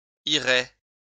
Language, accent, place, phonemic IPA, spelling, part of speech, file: French, France, Lyon, /i.ʁɛ/, irait, verb, LL-Q150 (fra)-irait.wav
- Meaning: third-person singular conditional of aller, would go